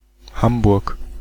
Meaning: Hamburg (the second-largest city in and simultaneously a state of Germany)
- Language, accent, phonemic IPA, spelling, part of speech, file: German, Germany, /ˈhambʊɐ̯k/, Hamburg, proper noun, De-Hamburg.ogg